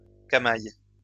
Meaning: camail, capuchin (hood)
- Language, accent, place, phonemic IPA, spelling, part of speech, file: French, France, Lyon, /ka.maj/, camail, noun, LL-Q150 (fra)-camail.wav